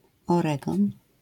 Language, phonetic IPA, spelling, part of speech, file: Polish, [ɔˈrɛɡɔ̃n], Oregon, proper noun, LL-Q809 (pol)-Oregon.wav